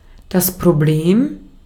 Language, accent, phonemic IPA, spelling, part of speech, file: German, Austria, /pʁoˈbleːm/, Problem, noun, De-at-Problem.ogg
- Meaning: problem